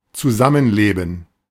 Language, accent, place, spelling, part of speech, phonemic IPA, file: German, Germany, Berlin, zusammenleben, verb, /t͡suˈzamənˌleːbn̩/, De-zusammenleben.ogg
- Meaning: 1. to live together 2. to adapt to each other